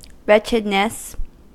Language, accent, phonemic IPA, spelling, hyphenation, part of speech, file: English, US, /ˈɹɛt͡ʃɪdnəs/, wretchedness, wretch‧ed‧ness, noun, En-us-wretchedness.ogg
- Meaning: 1. An unhappy state of mental or physical suffering 2. A state of prolonged misfortune, privation, or anguish